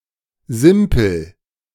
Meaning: simpleton
- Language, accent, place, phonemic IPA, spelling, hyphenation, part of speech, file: German, Germany, Berlin, /ˈzɪmpl̩/, Simpel, Sim‧pel, noun, De-Simpel.ogg